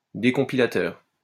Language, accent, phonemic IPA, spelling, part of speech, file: French, France, /de.kɔ̃.pi.la.tœʁ/, décompilateur, noun, LL-Q150 (fra)-décompilateur.wav
- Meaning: decompiler